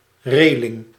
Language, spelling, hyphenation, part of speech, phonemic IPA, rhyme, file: Dutch, reling, re‧ling, noun, /ˈreː.lɪŋ/, -eːlɪŋ, Nl-reling.ogg
- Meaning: rail (a horizontal bar)